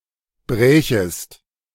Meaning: second-person singular subjunctive II of brechen
- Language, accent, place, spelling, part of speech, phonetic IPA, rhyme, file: German, Germany, Berlin, brächest, verb, [bʁɛːçəst], -ɛːçəst, De-brächest.ogg